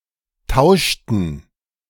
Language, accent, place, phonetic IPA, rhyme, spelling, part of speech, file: German, Germany, Berlin, [ˈtaʊ̯ʃtn̩], -aʊ̯ʃtn̩, tauschten, verb, De-tauschten.ogg
- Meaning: inflection of tauschen: 1. first/third-person plural preterite 2. first/third-person plural subjunctive II